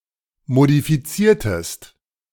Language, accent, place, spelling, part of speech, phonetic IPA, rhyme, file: German, Germany, Berlin, modifiziertest, verb, [modifiˈt͡siːɐ̯təst], -iːɐ̯təst, De-modifiziertest.ogg
- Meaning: inflection of modifizieren: 1. second-person singular preterite 2. second-person singular subjunctive II